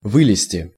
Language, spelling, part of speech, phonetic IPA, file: Russian, вылезти, verb, [ˈvɨlʲɪsʲtʲɪ], Ru-вылезти.ogg
- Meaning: 1. to get out, to climb out, to get off 2. to fall out, to come out